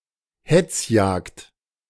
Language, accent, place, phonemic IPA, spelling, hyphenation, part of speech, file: German, Germany, Berlin, /ˈhɛt͡sˌjaːkt/, Hetzjagd, Hetz‧jagd, noun, De-Hetzjagd.ogg
- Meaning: persistence hunting